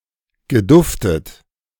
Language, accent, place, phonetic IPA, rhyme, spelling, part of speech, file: German, Germany, Berlin, [ɡəˈdʊftət], -ʊftət, geduftet, verb, De-geduftet.ogg
- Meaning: past participle of duften